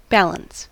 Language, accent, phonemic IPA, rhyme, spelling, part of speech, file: English, US, /ˈbæləns/, -æləns, balance, noun / verb, En-us-balance.ogg
- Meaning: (noun) 1. A state in which opposing forces harmonise; equilibrium 2. Mental equilibrium; mental health; calmness, a state of remaining clear-headed and unperturbed